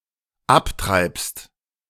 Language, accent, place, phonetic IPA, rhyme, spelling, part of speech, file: German, Germany, Berlin, [ˈapˌtʁaɪ̯pst], -aptʁaɪ̯pst, abtreibst, verb, De-abtreibst.ogg
- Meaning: second-person singular dependent present of abtreiben